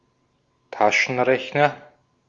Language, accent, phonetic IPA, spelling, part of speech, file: German, Austria, [ˈtaʃn̩ˌʁɛçnɐ], Taschenrechner, noun, De-at-Taschenrechner.ogg
- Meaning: electronic pocket calculator